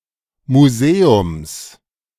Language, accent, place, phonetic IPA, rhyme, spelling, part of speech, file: German, Germany, Berlin, [muˈzeːʊms], -eːʊms, Museums, noun, De-Museums.ogg
- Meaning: genitive singular of Museum